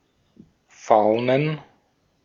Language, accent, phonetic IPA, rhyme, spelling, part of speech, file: German, Austria, [ˈfaʊ̯nən], -aʊ̯nən, Faunen, noun, De-at-Faunen.ogg
- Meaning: 1. dative plural of Faun 2. plural of Faun 3. plural of Fauna